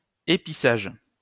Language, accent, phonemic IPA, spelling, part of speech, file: French, France, /e.pi.saʒ/, épissage, noun, LL-Q150 (fra)-épissage.wav
- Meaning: splicing